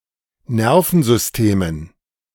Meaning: dative plural of Nervensystem
- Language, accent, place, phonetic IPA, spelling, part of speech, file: German, Germany, Berlin, [ˈnɛʁfn̩zʏsˌteːmən], Nervensystemen, noun, De-Nervensystemen.ogg